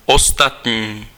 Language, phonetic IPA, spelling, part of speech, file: Czech, [ˈostatɲiː], ostatní, adjective, Cs-ostatní.ogg
- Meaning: 1. other (than the one previously referred to) 2. else